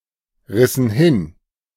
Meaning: inflection of hinreißen: 1. first/third-person plural preterite 2. first/third-person plural subjunctive II
- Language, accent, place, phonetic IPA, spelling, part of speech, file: German, Germany, Berlin, [ˌʁɪsn̩ ˈhɪn], rissen hin, verb, De-rissen hin.ogg